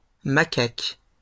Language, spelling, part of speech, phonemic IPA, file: French, macaque, noun, /ma.kak/, LL-Q150 (fra)-macaque.wav
- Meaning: 1. macaque 2. monkey 3. clown